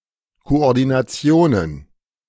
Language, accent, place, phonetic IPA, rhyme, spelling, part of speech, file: German, Germany, Berlin, [koʔɔʁdinaˈt͡si̯oːnən], -oːnən, Koordinationen, noun, De-Koordinationen.ogg
- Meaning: plural of Koordination